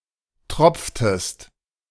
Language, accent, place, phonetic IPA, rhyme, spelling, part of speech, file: German, Germany, Berlin, [ˈtʁɔp͡ftəst], -ɔp͡ftəst, tropftest, verb, De-tropftest.ogg
- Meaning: inflection of tropfen: 1. second-person singular preterite 2. second-person singular subjunctive II